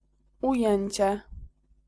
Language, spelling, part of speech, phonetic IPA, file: Polish, ujęcie, noun, [uˈjɛ̇̃ɲt͡ɕɛ], Pl-ujęcie.ogg